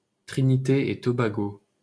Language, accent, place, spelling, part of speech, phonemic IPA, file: French, France, Paris, Trinité-et-Tobago, proper noun, /tʁi.ni.te.e.tɔ.ba.ɡo/, LL-Q150 (fra)-Trinité-et-Tobago.wav
- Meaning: Trinidad and Tobago (a country consisting of two main islands and several smaller islands in the Caribbean, off the coast of Venezuela)